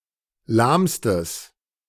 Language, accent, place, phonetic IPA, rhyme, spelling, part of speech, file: German, Germany, Berlin, [ˈlaːmstəs], -aːmstəs, lahmstes, adjective, De-lahmstes.ogg
- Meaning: strong/mixed nominative/accusative neuter singular superlative degree of lahm